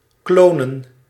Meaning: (verb) to clone; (noun) plural of kloon
- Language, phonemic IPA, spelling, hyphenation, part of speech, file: Dutch, /ˈkloː.nə(n)/, klonen, klo‧nen, verb / noun, Nl-klonen.ogg